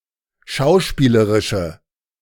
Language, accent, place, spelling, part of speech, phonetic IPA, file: German, Germany, Berlin, schauspielerische, adjective, [ˈʃaʊ̯ˌʃpiːləʁɪʃə], De-schauspielerische.ogg
- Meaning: inflection of schauspielerisch: 1. strong/mixed nominative/accusative feminine singular 2. strong nominative/accusative plural 3. weak nominative all-gender singular